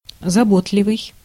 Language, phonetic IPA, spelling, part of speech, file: Russian, [zɐˈbotlʲɪvɨj], заботливый, adjective, Ru-заботливый.ogg
- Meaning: thoughtful, caring, considerate, solicitous